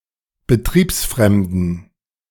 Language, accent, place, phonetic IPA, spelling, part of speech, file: German, Germany, Berlin, [bəˈtʁiːpsˌfʁɛmdn̩], betriebsfremden, adjective, De-betriebsfremden.ogg
- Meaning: inflection of betriebsfremd: 1. strong genitive masculine/neuter singular 2. weak/mixed genitive/dative all-gender singular 3. strong/weak/mixed accusative masculine singular 4. strong dative plural